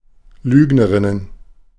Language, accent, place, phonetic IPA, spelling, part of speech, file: German, Germany, Berlin, [ˈlyːɡnəʁɪnən], Lügnerinnen, noun, De-Lügnerinnen.ogg
- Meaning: plural of Lügnerin